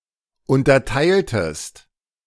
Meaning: inflection of unterteilen: 1. second-person singular preterite 2. second-person singular subjunctive II
- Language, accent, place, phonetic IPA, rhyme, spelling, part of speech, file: German, Germany, Berlin, [ˌʊntɐˈtaɪ̯ltəst], -aɪ̯ltəst, unterteiltest, verb, De-unterteiltest.ogg